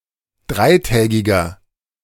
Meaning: inflection of dreitägig: 1. strong/mixed nominative masculine singular 2. strong genitive/dative feminine singular 3. strong genitive plural
- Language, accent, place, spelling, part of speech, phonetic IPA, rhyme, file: German, Germany, Berlin, dreitägiger, adjective, [ˈdʁaɪ̯ˌtɛːɡɪɡɐ], -aɪ̯tɛːɡɪɡɐ, De-dreitägiger.ogg